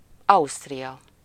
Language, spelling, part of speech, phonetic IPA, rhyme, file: Hungarian, Ausztria, proper noun, [ˈɒustrijɒ], -jɒ, Hu-Ausztria.ogg
- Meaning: Austria (a country in Central Europe; official name: Osztrák Köztársaság)